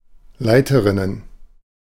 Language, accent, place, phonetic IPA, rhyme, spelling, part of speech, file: German, Germany, Berlin, [ˈlaɪ̯təʁɪnən], -aɪ̯təʁɪnən, Leiterinnen, noun, De-Leiterinnen.ogg
- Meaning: plural of Leiterin